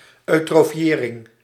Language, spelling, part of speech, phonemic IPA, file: Dutch, eutrofiëring, noun, /ˌœy̯.troːˈfjeː.rɪŋ/, Nl-eutrofiëring.ogg
- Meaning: eutrophication